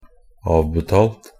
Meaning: 1. past participle of avbetale 2. past participle common of avbetale 3. past participle neuter of avbetale
- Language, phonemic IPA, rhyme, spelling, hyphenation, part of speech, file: Norwegian Bokmål, /ˈɑːʋbɛtɑːlt/, -ɑːlt, avbetalt, av‧be‧talt, verb, Nb-avbetalt.ogg